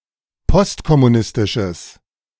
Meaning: strong/mixed nominative/accusative neuter singular of postkommunistisch
- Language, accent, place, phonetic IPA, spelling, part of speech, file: German, Germany, Berlin, [ˈpɔstkɔmuˌnɪstɪʃəs], postkommunistisches, adjective, De-postkommunistisches.ogg